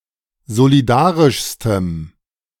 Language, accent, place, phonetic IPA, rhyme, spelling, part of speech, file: German, Germany, Berlin, [zoliˈdaːʁɪʃstəm], -aːʁɪʃstəm, solidarischstem, adjective, De-solidarischstem.ogg
- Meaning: strong dative masculine/neuter singular superlative degree of solidarisch